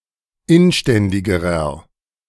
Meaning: inflection of inständig: 1. strong/mixed nominative masculine singular comparative degree 2. strong genitive/dative feminine singular comparative degree 3. strong genitive plural comparative degree
- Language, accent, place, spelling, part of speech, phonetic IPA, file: German, Germany, Berlin, inständigerer, adjective, [ˈɪnˌʃtɛndɪɡəʁɐ], De-inständigerer.ogg